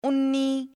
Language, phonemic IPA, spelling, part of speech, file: Punjabi, /ʊn.niː/, ਉੱਨੀ, numeral, Pa-ਉੱਨੀ.ogg
- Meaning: nineteen